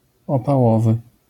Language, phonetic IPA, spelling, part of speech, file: Polish, [ˌɔpaˈwɔvɨ], opałowy, adjective, LL-Q809 (pol)-opałowy.wav